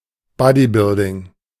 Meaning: bodybuilding
- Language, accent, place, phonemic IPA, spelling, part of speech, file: German, Germany, Berlin, /ˈbɔdiˌbɪldɪŋ/, Bodybuilding, noun, De-Bodybuilding.ogg